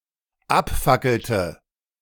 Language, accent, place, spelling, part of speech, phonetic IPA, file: German, Germany, Berlin, abfackelte, verb, [ˈapˌfakl̩tə], De-abfackelte.ogg
- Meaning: inflection of abfackeln: 1. first/third-person singular dependent preterite 2. first/third-person singular dependent subjunctive II